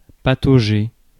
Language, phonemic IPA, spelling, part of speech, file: French, /pa.to.ʒe/, patauger, verb, Fr-patauger.ogg
- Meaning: 1. to paddle around, splash about 2. to squelch around, wade through (in mud, in wet terrain) 3. to flounder around (in mud or snow) 4. to flounder, get bogged down